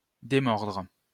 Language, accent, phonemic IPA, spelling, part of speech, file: French, France, /de.mɔʁdʁ/, démordre, verb, LL-Q150 (fra)-démordre.wav
- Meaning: 1. to let go, release (something held in the teeth) 2. to give up, abandon, renounce (an opinion, plan, etc.)